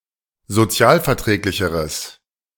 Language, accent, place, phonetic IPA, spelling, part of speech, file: German, Germany, Berlin, [zoˈt͡si̯aːlfɛɐ̯ˌtʁɛːklɪçəʁəs], sozialverträglicheres, adjective, De-sozialverträglicheres.ogg
- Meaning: strong/mixed nominative/accusative neuter singular comparative degree of sozialverträglich